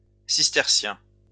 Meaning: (adjective) Cistercian
- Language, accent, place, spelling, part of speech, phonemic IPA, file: French, France, Lyon, cistercien, adjective / noun, /sis.tɛʁ.sjɛ̃/, LL-Q150 (fra)-cistercien.wav